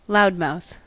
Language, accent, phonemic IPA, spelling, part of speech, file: English, US, /ˈlaʊdˌmaʊθ/, loudmouth, noun, En-us-loudmouth.ogg
- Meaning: One who talks too much or too loudly, especially in a boastful or self-important manner